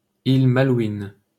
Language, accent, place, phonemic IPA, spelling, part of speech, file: French, France, Paris, /il ma.lwin/, îles Malouines, proper noun, LL-Q150 (fra)-îles Malouines.wav
- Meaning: Falkland Islands (an archipelago and overseas territory of the United Kingdom, located in the South Atlantic)